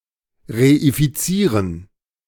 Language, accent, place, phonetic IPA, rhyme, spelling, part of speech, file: German, Germany, Berlin, [ʁeifiˈt͡siːʁən], -iːʁən, reifizieren, verb, De-reifizieren.ogg
- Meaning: to reify